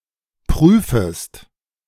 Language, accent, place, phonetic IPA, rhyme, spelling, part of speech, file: German, Germany, Berlin, [ˈpʁyːfəst], -yːfəst, prüfest, verb, De-prüfest.ogg
- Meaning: second-person singular subjunctive I of prüfen